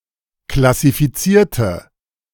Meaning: inflection of klassifizieren: 1. first/third-person singular preterite 2. first/third-person singular subjunctive II
- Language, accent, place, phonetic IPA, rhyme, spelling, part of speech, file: German, Germany, Berlin, [klasifiˈt͡siːɐ̯tə], -iːɐ̯tə, klassifizierte, adjective / verb, De-klassifizierte.ogg